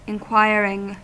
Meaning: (verb) present participle and gerund of inquire; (noun) inquiry; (adjective) inquisitive
- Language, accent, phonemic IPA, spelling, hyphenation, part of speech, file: English, US, /ɪnˈkwaɪɹɪŋ/, inquiring, in‧quir‧ing, verb / noun / adjective, En-us-inquiring.ogg